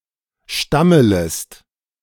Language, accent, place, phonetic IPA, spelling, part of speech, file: German, Germany, Berlin, [ˈʃtamələst], stammelest, verb, De-stammelest.ogg
- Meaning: second-person singular subjunctive I of stammeln